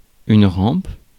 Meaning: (noun) 1. ramp, slope 2. banister 3. balustrade, parapet, railing 4. lightbar; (verb) inflection of ramper: first/third-person singular present indicative/subjunctive
- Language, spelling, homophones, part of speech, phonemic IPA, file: French, rampe, rampes / rampent, noun / verb, /ʁɑ̃p/, Fr-rampe.ogg